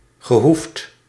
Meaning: past participle of hoeven
- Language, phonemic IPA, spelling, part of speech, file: Dutch, /ɣəˈhuft/, gehoefd, adjective / verb, Nl-gehoefd.ogg